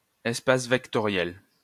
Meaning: vector space
- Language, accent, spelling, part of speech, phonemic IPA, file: French, France, espace vectoriel, noun, /ɛs.pas vɛk.tɔ.ʁjɛl/, LL-Q150 (fra)-espace vectoriel.wav